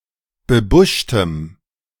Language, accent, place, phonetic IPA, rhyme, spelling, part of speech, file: German, Germany, Berlin, [bəˈbʊʃtəm], -ʊʃtəm, bebuschtem, adjective, De-bebuschtem.ogg
- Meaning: strong dative masculine/neuter singular of bebuscht